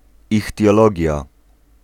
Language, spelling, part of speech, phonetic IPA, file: Polish, ichtiologia, noun, [ˌixtʲjɔˈlɔɟja], Pl-ichtiologia.ogg